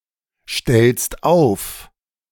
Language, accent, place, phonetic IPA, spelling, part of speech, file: German, Germany, Berlin, [ˌʃtɛlst ˈaʊ̯f], stellst auf, verb, De-stellst auf.ogg
- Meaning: second-person singular present of aufstellen